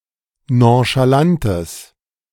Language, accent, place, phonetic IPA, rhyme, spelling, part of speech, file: German, Germany, Berlin, [ˌnõʃaˈlantəs], -antəs, nonchalantes, adjective, De-nonchalantes.ogg
- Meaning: strong/mixed nominative/accusative neuter singular of nonchalant